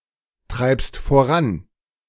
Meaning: second-person singular present of vorantreiben
- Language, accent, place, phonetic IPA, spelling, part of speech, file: German, Germany, Berlin, [ˌtʁaɪ̯pst foˈʁan], treibst voran, verb, De-treibst voran.ogg